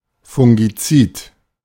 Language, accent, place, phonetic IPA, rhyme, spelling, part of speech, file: German, Germany, Berlin, [fʊŋɡiˈt͡siːt], -iːt, fungizid, adjective, De-fungizid.ogg
- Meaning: fungicidal